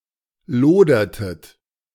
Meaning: inflection of lodern: 1. second-person plural preterite 2. second-person plural subjunctive II
- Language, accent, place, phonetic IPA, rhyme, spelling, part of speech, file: German, Germany, Berlin, [ˈloːdɐtət], -oːdɐtət, lodertet, verb, De-lodertet.ogg